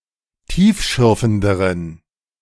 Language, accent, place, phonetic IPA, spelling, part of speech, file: German, Germany, Berlin, [ˈtiːfˌʃʏʁfn̩dəʁən], tiefschürfenderen, adjective, De-tiefschürfenderen.ogg
- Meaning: inflection of tiefschürfend: 1. strong genitive masculine/neuter singular comparative degree 2. weak/mixed genitive/dative all-gender singular comparative degree